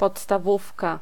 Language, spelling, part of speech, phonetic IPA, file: Polish, podstawówka, noun, [ˌpɔtstaˈvufka], Pl-podstawówka.ogg